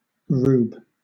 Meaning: 1. A person of rural heritage; a yokel 2. An uninformed, unsophisticated, or unintelligent person
- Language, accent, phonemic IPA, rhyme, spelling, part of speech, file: English, Southern England, /ɹuːb/, -uːb, rube, noun, LL-Q1860 (eng)-rube.wav